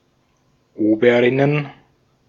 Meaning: plural of Oberin
- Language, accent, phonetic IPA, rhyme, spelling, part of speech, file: German, Austria, [ˈoːbəʁɪnən], -oːbəʁɪnən, Oberinnen, noun, De-at-Oberinnen.ogg